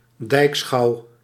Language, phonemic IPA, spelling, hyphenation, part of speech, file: Dutch, /ˈdɛi̯k.sxɑu̯/, dijkschouw, dijk‧schouw, noun, Nl-dijkschouw.ogg
- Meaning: inspection of dikes